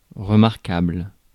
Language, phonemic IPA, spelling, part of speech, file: French, /ʁə.maʁ.kabl/, remarquable, adjective, Fr-remarquable.ogg
- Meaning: remarkable, noteworthy